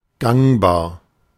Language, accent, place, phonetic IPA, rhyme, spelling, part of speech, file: German, Germany, Berlin, [ˈɡaŋbaːɐ̯], -aŋbaːɐ̯, gangbar, adjective, De-gangbar.ogg
- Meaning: 1. passable, accessible 2. practicable, feasible